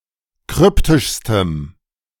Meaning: strong dative masculine/neuter singular superlative degree of kryptisch
- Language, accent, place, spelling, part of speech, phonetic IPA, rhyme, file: German, Germany, Berlin, kryptischstem, adjective, [ˈkʁʏptɪʃstəm], -ʏptɪʃstəm, De-kryptischstem.ogg